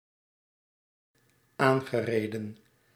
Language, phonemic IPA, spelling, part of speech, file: Dutch, /ˈaŋɣəˌredə(n)/, aangereden, verb, Nl-aangereden.ogg
- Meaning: past participle of aanrijden